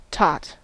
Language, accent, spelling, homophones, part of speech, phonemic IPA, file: English, US, tot, taught, noun / verb, /tɑt/, En-us-tot.ogg
- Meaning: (noun) 1. A small child 2. A small amount of liquor, (particularly) a small measure of rum 3. Ellipsis of tater tot 4. A small cup, usually made of tin 5. A foolish fellow; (verb) To sum or total